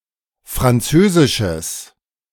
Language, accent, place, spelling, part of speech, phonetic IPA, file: German, Germany, Berlin, französisches, adjective, [fʁanˈt͡søːzɪʃəs], De-französisches.ogg
- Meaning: strong/mixed nominative/accusative neuter singular of französisch